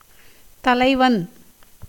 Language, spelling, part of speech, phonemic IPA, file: Tamil, தலைவன், noun, /t̪ɐlɐɪ̯ʋɐn/, Ta-தலைவன்.ogg
- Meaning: 1. leader, chief, lord 2. king, ruler, governor 3. guru 4. hero of a story / love-poem